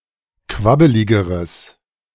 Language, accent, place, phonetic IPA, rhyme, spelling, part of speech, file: German, Germany, Berlin, [ˈkvabəlɪɡəʁəs], -abəlɪɡəʁəs, quabbeligeres, adjective, De-quabbeligeres.ogg
- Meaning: strong/mixed nominative/accusative neuter singular comparative degree of quabbelig